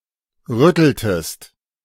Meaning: inflection of rütteln: 1. second-person singular preterite 2. second-person singular subjunctive II
- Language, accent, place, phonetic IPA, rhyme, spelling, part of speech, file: German, Germany, Berlin, [ˈʁʏtl̩təst], -ʏtl̩təst, rütteltest, verb, De-rütteltest.ogg